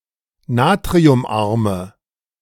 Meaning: inflection of natriumarm: 1. strong/mixed nominative/accusative feminine singular 2. strong nominative/accusative plural 3. weak nominative all-gender singular
- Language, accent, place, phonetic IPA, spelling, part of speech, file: German, Germany, Berlin, [ˈnaːtʁiʊmˌʔaʁmə], natriumarme, adjective, De-natriumarme.ogg